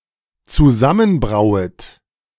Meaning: second-person plural dependent subjunctive I of zusammenbrauen
- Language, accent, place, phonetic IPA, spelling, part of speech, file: German, Germany, Berlin, [t͡suˈzamənˌbʁaʊ̯ət], zusammenbrauet, verb, De-zusammenbrauet.ogg